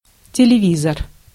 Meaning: television set
- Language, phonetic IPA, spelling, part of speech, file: Russian, [tʲɪlʲɪˈvʲizər], телевизор, noun, Ru-телевизор.ogg